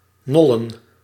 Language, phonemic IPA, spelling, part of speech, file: Dutch, /ˈnɔlə(n)/, nollen, verb / noun, Nl-nollen.ogg
- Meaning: plural of nol